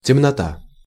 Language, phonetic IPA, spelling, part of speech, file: Russian, [tʲɪmnɐˈta], темнота, noun, Ru-темнота.ogg
- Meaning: 1. dark, darkness (a complete or (more often) partial absence of light) 2. ignorance, backwardness 3. obscurity